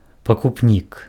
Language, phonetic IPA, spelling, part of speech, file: Belarusian, [pakupˈnʲik], пакупнік, noun, Be-пакупнік.ogg
- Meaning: buyer